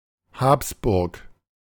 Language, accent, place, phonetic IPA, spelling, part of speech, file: German, Germany, Berlin, [ˈhaːpsˌbʊʁk], Habsburg, proper noun, De-Habsburg.ogg
- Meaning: the Habsburg castle in Aargau (northern Switzerland)